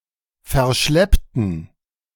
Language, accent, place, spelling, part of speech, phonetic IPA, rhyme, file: German, Germany, Berlin, verschleppten, adjective / verb, [fɛɐ̯ˈʃlɛptn̩], -ɛptn̩, De-verschleppten.ogg
- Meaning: inflection of verschleppen: 1. first/third-person plural preterite 2. first/third-person plural subjunctive II